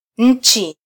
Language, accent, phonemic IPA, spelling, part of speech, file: Swahili, Kenya, /ˈn̩.tʃi/, nchi, noun, Sw-ke-nchi.flac
- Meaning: 1. country (nation state) 2. earth (inhabited world)